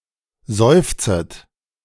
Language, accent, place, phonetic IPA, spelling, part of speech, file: German, Germany, Berlin, [ˈzɔɪ̯ft͡sət], seufzet, verb, De-seufzet.ogg
- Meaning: second-person plural subjunctive I of seufzen